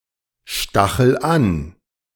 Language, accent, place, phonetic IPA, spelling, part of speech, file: German, Germany, Berlin, [ˌʃtaxl̩ ˈan], stachel an, verb, De-stachel an.ogg
- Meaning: inflection of anstacheln: 1. first-person singular present 2. singular imperative